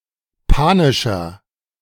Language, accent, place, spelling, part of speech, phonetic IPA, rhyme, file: German, Germany, Berlin, panischer, adjective, [ˈpaːnɪʃɐ], -aːnɪʃɐ, De-panischer.ogg
- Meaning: 1. comparative degree of panisch 2. inflection of panisch: strong/mixed nominative masculine singular 3. inflection of panisch: strong genitive/dative feminine singular